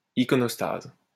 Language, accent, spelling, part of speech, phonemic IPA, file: French, France, iconostase, noun, /i.kɔ.nɔs.taz/, LL-Q150 (fra)-iconostase.wav
- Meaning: iconostasis (a wall of religious icons)